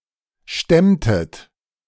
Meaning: inflection of stemmen: 1. second-person plural preterite 2. second-person plural subjunctive II
- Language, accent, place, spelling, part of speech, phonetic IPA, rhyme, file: German, Germany, Berlin, stemmtet, verb, [ˈʃtɛmtət], -ɛmtət, De-stemmtet.ogg